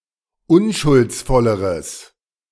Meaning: strong/mixed nominative/accusative neuter singular comparative degree of unschuldsvoll
- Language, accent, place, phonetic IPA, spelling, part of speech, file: German, Germany, Berlin, [ˈʊnʃʊlt͡sˌfɔləʁəs], unschuldsvolleres, adjective, De-unschuldsvolleres.ogg